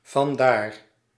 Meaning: 1. thence 2. hence, therefore
- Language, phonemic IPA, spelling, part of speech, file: Dutch, /vɑnˈdar/, vandaar, adverb, Nl-vandaar.ogg